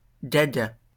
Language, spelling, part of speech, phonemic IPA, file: French, gaga, adjective / noun, /ɡa.ɡa/, LL-Q150 (fra)-gaga.wav
- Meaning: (adjective) 1. gaga (senile) 2. gaga (crazy) 3. gaga (infatuated) 4. Stéphanois, of Saint-Étienne; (noun) Stéphanois, person living in Saint-Étienne